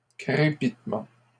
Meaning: rattle (sound), crackle, crackling
- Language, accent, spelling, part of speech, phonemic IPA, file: French, Canada, crépitement, noun, /kʁe.pit.mɑ̃/, LL-Q150 (fra)-crépitement.wav